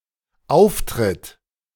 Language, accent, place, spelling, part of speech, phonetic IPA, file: German, Germany, Berlin, auftritt, verb, [ˈaʊ̯fˌtʁɪt], De-auftritt.ogg
- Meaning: third-person singular present of auftreten (only in subordinate clauses)